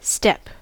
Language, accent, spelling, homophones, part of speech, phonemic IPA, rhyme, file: English, General American, step, steppe, noun / verb, /stɛp/, -ɛp, En-us-step.ogg
- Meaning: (noun) 1. An advance or movement made from one foot to the other; a pace 2. A rest, or one of a set of rests, for the foot in ascending or descending, as a stair, or a rung of a ladder